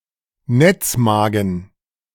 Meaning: reticulum
- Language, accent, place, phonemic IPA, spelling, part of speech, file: German, Germany, Berlin, /ˈnɛt͡sˌmaːɡn̩/, Netzmagen, noun, De-Netzmagen.ogg